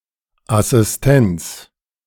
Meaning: assistance
- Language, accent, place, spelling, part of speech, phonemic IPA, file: German, Germany, Berlin, Assistenz, noun, /ʔasɪsˈtɛnts/, De-Assistenz.ogg